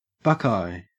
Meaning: 1. Any of several species of trees of the genus Aesculus 2. Any of several species of trees of the genus Aesculus.: Aesculus hippocastanum (horse chestnut)
- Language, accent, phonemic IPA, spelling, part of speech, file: English, Australia, /ˈbʌkaɪ/, buckeye, noun, En-au-buckeye.ogg